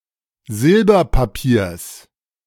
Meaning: genitive singular of Silberpapier
- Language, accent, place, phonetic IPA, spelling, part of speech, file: German, Germany, Berlin, [ˈzɪlbɐpaˌpiːɐ̯s], Silberpapiers, noun, De-Silberpapiers.ogg